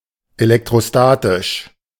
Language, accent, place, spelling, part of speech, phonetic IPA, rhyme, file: German, Germany, Berlin, elektrostatisch, adjective, [elɛktʁoˈstaːtɪʃ], -aːtɪʃ, De-elektrostatisch.ogg
- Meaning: electrostatic